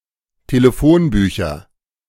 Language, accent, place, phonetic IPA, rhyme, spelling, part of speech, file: German, Germany, Berlin, [teləˈfoːnˌbyːçɐ], -oːnbyːçɐ, Telefonbücher, noun, De-Telefonbücher.ogg
- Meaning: nominative/accusative/genitive plural of Telefonbuch